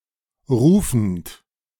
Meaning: present participle of rufen
- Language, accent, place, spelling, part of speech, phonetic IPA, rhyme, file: German, Germany, Berlin, rufend, verb, [ˈʁuːfn̩t], -uːfn̩t, De-rufend.ogg